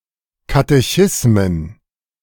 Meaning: plural of Katechismus
- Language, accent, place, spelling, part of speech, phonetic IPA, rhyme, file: German, Germany, Berlin, Katechismen, noun, [katɛˈçɪsmən], -ɪsmən, De-Katechismen.ogg